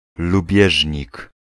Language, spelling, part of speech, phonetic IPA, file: Polish, lubieżnik, noun, [luˈbʲjɛʒʲɲik], Pl-lubieżnik.ogg